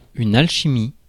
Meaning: alchemy
- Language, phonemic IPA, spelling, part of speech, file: French, /al.ʃi.mi/, alchimie, noun, Fr-alchimie.ogg